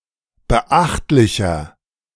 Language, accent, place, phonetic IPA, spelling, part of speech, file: German, Germany, Berlin, [bəˈʔaxtlɪçɐ], beachtlicher, adjective, De-beachtlicher.ogg
- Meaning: 1. comparative degree of beachtlich 2. inflection of beachtlich: strong/mixed nominative masculine singular 3. inflection of beachtlich: strong genitive/dative feminine singular